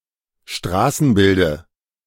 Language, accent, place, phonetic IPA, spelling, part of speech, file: German, Germany, Berlin, [ˈʃtʁaːsn̩ˌbɪldə], Straßenbilde, noun, De-Straßenbilde.ogg
- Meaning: dative of Straßenbild